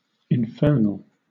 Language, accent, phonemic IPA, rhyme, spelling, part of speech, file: English, Southern England, /ɪnˈfɜː(ɹ)nəl/, -ɜː(ɹ)nəl, infernal, adjective / noun, LL-Q1860 (eng)-infernal.wav
- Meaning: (adjective) 1. Of or relating to hell, or the world of the dead; hellish 2. Of or relating to a fire or inferno 3. Stygian, gloomy 4. Diabolical or fiendish 5. Very annoying; damned